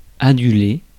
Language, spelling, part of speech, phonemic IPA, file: French, aduler, verb, /a.dy.le/, Fr-aduler.ogg
- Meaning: to adulate